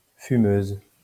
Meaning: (adjective) feminine singular of fumeux; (noun) feminine singular of fumeur
- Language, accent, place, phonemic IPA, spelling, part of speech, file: French, France, Lyon, /fy.møz/, fumeuse, adjective / noun, LL-Q150 (fra)-fumeuse.wav